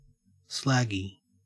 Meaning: 1. Resembling or containing slag 2. Resembling or characteristic of a slag; slutty, promiscuous
- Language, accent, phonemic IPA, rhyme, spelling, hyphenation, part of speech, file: English, Australia, /ˈslæɡi/, -æɡi, slaggy, slag‧gy, adjective, En-au-slaggy.ogg